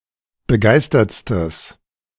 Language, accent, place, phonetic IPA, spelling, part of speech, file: German, Germany, Berlin, [bəˈɡaɪ̯stɐt͡stəs], begeistertstes, adjective, De-begeistertstes.ogg
- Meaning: strong/mixed nominative/accusative neuter singular superlative degree of begeistert